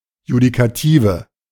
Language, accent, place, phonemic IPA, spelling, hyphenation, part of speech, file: German, Germany, Berlin, /judikaˈtiːvə/, Judikative, Ju‧di‧ka‧ti‧ve, noun, De-Judikative.ogg
- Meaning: judiciary, judicial system